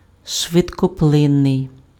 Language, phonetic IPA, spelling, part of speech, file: Ukrainian, [ʃʋedkɔˈpɫɪnːei̯], швидкоплинний, adjective, Uk-швидкоплинний.ogg
- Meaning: fleeting, transient, evanescent, ephemeral